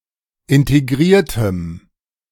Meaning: strong dative masculine/neuter singular of integriert
- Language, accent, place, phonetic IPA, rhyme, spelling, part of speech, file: German, Germany, Berlin, [ɪnteˈɡʁiːɐ̯təm], -iːɐ̯təm, integriertem, adjective, De-integriertem.ogg